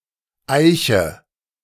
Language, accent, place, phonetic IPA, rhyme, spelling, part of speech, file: German, Germany, Berlin, [ˈaɪ̯çə], -aɪ̯çə, eiche, verb, De-eiche.ogg
- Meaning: inflection of eichen: 1. first-person singular present 2. first/third-person singular subjunctive I 3. singular imperative